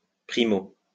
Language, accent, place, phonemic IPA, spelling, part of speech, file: French, France, Lyon, /pʁi.mo/, primo, adverb, LL-Q150 (fra)-primo.wav
- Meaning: first (before anything else)